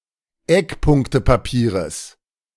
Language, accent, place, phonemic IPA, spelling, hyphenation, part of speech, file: German, Germany, Berlin, /ˈɛkˌpʊŋktəpaˌpiːʁəs/, Eckpunktepapieres, Eck‧punk‧te‧pa‧pie‧res, noun, De-Eckpunktepapieres.ogg
- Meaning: genitive singular of Eckpunktepapier